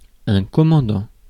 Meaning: 1. commander (function) 2. major (rank)
- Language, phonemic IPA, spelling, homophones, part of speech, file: French, /kɔ.mɑ̃.dɑ̃/, commandant, commandants, noun, Fr-commandant.ogg